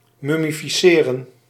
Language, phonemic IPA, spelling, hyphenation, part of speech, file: Dutch, /ˌmʏ.mi.fiˈseː.rə(n)/, mummificeren, mum‧mi‧fi‧ce‧ren, verb, Nl-mummificeren.ogg
- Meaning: to mummify